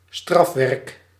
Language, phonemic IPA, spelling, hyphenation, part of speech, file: Dutch, /ˈstrɑf.ʋɛrk/, strafwerk, straf‧werk, noun, Nl-strafwerk.ogg
- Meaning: school assignment(s) given as a punishment, imposition